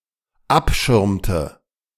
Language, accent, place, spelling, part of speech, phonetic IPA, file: German, Germany, Berlin, abschirmte, verb, [ˈapˌʃɪʁmtə], De-abschirmte.ogg
- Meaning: inflection of abschirmen: 1. first/third-person singular dependent preterite 2. first/third-person singular dependent subjunctive II